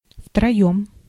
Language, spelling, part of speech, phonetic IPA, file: Russian, втроём, adverb, [ftrɐˈjɵm], Ru-втроём.ogg
- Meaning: three (together)